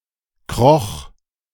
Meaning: first/third-person singular preterite of kriechen
- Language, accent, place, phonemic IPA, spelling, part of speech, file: German, Germany, Berlin, /kʁɔx/, kroch, verb, De-kroch.ogg